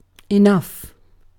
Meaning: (determiner) Sufficient; all that is required, needed, or appropriate.: 1. Used before a noun in the manner of words like some, a bit of, and so on 2. Used after a noun; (adverb) Sufficiently
- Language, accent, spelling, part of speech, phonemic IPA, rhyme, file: English, Received Pronunciation, enough, determiner / adverb / pronoun / interjection / noun, /ɪˈnʌf/, -ʌf, En-uk-enough.ogg